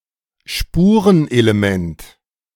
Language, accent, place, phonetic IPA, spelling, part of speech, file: German, Germany, Berlin, [ˈʃpuːʁənʔeleˈmɛnt], Spurenelement, noun, De-Spurenelement.ogg
- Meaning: trace element